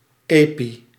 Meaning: above, over, on, in addition to
- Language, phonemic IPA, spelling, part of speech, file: Dutch, /ˈeː.pi/, epi-, prefix, Nl-epi-.ogg